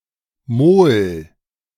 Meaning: mole (unit of amount)
- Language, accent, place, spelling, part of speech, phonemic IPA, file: German, Germany, Berlin, Mol, noun, /moːl/, De-Mol.ogg